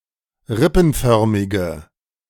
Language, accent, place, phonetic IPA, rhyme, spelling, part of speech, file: German, Germany, Berlin, [ˈʁɪpn̩ˌfœʁmɪɡə], -ɪpn̩fœʁmɪɡə, rippenförmige, adjective, De-rippenförmige.ogg
- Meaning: inflection of rippenförmig: 1. strong/mixed nominative/accusative feminine singular 2. strong nominative/accusative plural 3. weak nominative all-gender singular